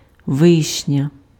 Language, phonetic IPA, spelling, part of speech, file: Ukrainian, [ˈʋɪʃnʲɐ], вишня, noun / adjective, Uk-вишня.ogg
- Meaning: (noun) cherry, sour cherry (Prunus cerasus); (adjective) feminine nominative/vocative singular of ви́шній (výšnij)